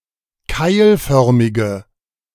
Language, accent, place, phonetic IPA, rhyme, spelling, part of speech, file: German, Germany, Berlin, [ˈkaɪ̯lˌfœʁmɪɡə], -aɪ̯lfœʁmɪɡə, keilförmige, adjective, De-keilförmige.ogg
- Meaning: inflection of keilförmig: 1. strong/mixed nominative/accusative feminine singular 2. strong nominative/accusative plural 3. weak nominative all-gender singular